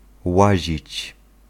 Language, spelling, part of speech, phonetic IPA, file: Polish, łazić, verb, [ˈwaʑit͡ɕ], Pl-łazić.ogg